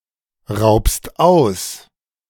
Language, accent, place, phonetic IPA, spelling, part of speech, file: German, Germany, Berlin, [ˌʁaʊ̯pst ˈaʊ̯s], raubst aus, verb, De-raubst aus.ogg
- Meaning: second-person singular present of ausrauben